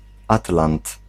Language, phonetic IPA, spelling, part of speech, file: Polish, [ˈatlãnt], atlant, noun, Pl-atlant.ogg